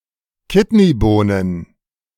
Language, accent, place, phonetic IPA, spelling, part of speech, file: German, Germany, Berlin, [ˈkɪtniˌboːnən], Kidneybohnen, noun, De-Kidneybohnen.ogg
- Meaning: plural of Kidneybohne